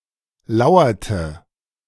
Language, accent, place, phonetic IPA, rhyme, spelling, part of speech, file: German, Germany, Berlin, [ˈlaʊ̯ɐtə], -aʊ̯ɐtə, lauerte, verb, De-lauerte.ogg
- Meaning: inflection of lauern: 1. first/third-person singular preterite 2. first/third-person singular subjunctive II